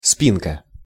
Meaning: 1. diminutive of спина́ (spiná) 2. back (of a chair, couch or other furniture, of a dress or a shirt, of a tool, of an animal, or as a cut of meat); headboard; backrest
- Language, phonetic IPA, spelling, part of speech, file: Russian, [ˈspʲinkə], спинка, noun, Ru-спинка.ogg